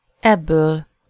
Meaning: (pronoun) elative singular of ez; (noun) elative singular of eb
- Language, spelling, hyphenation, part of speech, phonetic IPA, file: Hungarian, ebből, eb‧ből, pronoun / noun, [ˈɛbːøːl], Hu-ebből.ogg